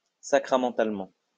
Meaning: sacramentally
- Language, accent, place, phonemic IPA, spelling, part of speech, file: French, France, Lyon, /sa.kʁa.mɑ̃.tal.mɑ̃/, sacramentalement, adverb, LL-Q150 (fra)-sacramentalement.wav